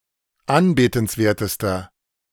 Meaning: inflection of anbetenswert: 1. strong/mixed nominative masculine singular superlative degree 2. strong genitive/dative feminine singular superlative degree 3. strong genitive plural superlative degree
- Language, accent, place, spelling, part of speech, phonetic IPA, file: German, Germany, Berlin, anbetenswertester, adjective, [ˈanbeːtn̩sˌveːɐ̯təstɐ], De-anbetenswertester.ogg